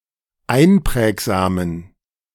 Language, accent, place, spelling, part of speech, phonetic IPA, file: German, Germany, Berlin, einprägsamen, adjective, [ˈaɪ̯nˌpʁɛːkzaːmən], De-einprägsamen.ogg
- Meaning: inflection of einprägsam: 1. strong genitive masculine/neuter singular 2. weak/mixed genitive/dative all-gender singular 3. strong/weak/mixed accusative masculine singular 4. strong dative plural